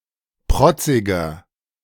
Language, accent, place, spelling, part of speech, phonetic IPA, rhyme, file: German, Germany, Berlin, protziger, adjective, [ˈpʁɔt͡sɪɡɐ], -ɔt͡sɪɡɐ, De-protziger.ogg
- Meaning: inflection of protzig: 1. strong/mixed nominative masculine singular 2. strong genitive/dative feminine singular 3. strong genitive plural